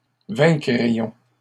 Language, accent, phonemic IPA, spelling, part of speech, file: French, Canada, /vɛ̃.kʁi.jɔ̃/, vaincrions, verb, LL-Q150 (fra)-vaincrions.wav
- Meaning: first-person plural conditional of vaincre